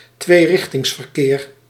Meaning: two-way traffic
- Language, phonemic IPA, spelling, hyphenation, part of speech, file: Dutch, /tʋeːˈrɪx.tɪŋs.vər.keːr/, tweerichtingsverkeer, twee‧rich‧tings‧ver‧keer, noun, Nl-tweerichtingsverkeer.ogg